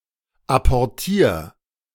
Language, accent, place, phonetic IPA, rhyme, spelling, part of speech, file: German, Germany, Berlin, [ˌapɔʁˈtiːɐ̯], -iːɐ̯, apportier, verb, De-apportier.ogg
- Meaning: 1. singular imperative of apportieren 2. first-person singular present of apportieren